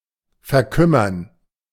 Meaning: 1. to waste away 2. to atrophy
- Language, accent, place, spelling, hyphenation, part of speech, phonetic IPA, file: German, Germany, Berlin, verkümmern, ver‧küm‧mern, verb, [fɛɐ̯ˈkʏmɐn], De-verkümmern.ogg